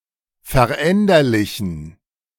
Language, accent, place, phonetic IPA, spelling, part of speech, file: German, Germany, Berlin, [fɛɐ̯ˈʔɛndɐlɪçn̩], veränderlichen, adjective, De-veränderlichen.ogg
- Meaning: inflection of veränderlich: 1. strong genitive masculine/neuter singular 2. weak/mixed genitive/dative all-gender singular 3. strong/weak/mixed accusative masculine singular 4. strong dative plural